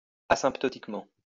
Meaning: asymptotically
- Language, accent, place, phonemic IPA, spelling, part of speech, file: French, France, Lyon, /a.sɛ̃p.tɔ.tik.mɑ̃/, asymptotiquement, adverb, LL-Q150 (fra)-asymptotiquement.wav